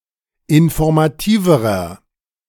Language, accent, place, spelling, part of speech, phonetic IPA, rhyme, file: German, Germany, Berlin, informativerer, adjective, [ɪnfɔʁmaˈtiːvəʁɐ], -iːvəʁɐ, De-informativerer.ogg
- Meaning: inflection of informativ: 1. strong/mixed nominative masculine singular comparative degree 2. strong genitive/dative feminine singular comparative degree 3. strong genitive plural comparative degree